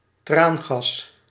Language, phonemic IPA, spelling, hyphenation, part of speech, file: Dutch, /ˈtraːn.ɣɑs/, traangas, traan‧gas, noun, Nl-traangas.ogg
- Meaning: tear gas